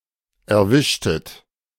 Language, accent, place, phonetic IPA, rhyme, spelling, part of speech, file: German, Germany, Berlin, [ɛɐ̯ˈvɪʃtət], -ɪʃtət, erwischtet, verb, De-erwischtet.ogg
- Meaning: inflection of erwischen: 1. second-person plural preterite 2. second-person plural subjunctive II